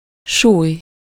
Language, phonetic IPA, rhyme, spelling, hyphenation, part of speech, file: Hungarian, [ˈʃuːj], -uːj, súly, súly, noun, Hu-súly.ogg
- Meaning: 1. weight (force on an object due to the gravitational attraction) 2. weight (standardized block of metal used in a balance) 3. weight, dumbbell (weight with two disks attached to a short bar)